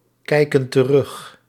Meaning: inflection of terugkijken: 1. plural present indicative 2. plural present subjunctive
- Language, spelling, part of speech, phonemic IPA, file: Dutch, kijken terug, verb, /ˈkɛikə(n) t(ə)ˈrʏx/, Nl-kijken terug.ogg